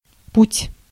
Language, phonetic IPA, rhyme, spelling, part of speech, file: Russian, [putʲ], -utʲ, путь, noun, Ru-путь.ogg
- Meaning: 1. way, path, road 2. track, line 3. means 4. trip, journey 5. route